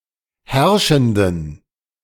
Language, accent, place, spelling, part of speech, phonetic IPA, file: German, Germany, Berlin, herrschenden, adjective, [ˈhɛʁʃn̩dən], De-herrschenden.ogg
- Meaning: inflection of herrschend: 1. strong genitive masculine/neuter singular 2. weak/mixed genitive/dative all-gender singular 3. strong/weak/mixed accusative masculine singular 4. strong dative plural